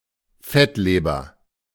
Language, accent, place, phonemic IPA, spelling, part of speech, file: German, Germany, Berlin, /ˈfɛtleːbɐ/, Fettleber, noun, De-Fettleber.ogg
- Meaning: fatty liver